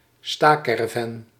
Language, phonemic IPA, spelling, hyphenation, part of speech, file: Dutch, /ˈstaːˌkɛ.rə.vɛn/, stacaravan, sta‧ca‧ra‧van, noun, Nl-stacaravan.ogg
- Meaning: mobile home, trailer